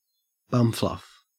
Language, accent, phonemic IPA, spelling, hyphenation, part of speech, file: English, Australia, /ˈbʌmflʌf/, bumfluff, bum‧fluff, noun, En-au-bumfluff.ogg
- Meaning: The first, sparse beard growth of an adolescent